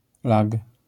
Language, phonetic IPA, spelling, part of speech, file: Polish, [lak], lag, noun, LL-Q809 (pol)-lag.wav